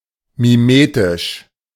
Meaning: mimetic
- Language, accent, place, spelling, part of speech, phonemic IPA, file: German, Germany, Berlin, mimetisch, adjective, /miˈmeːtɪʃ/, De-mimetisch.ogg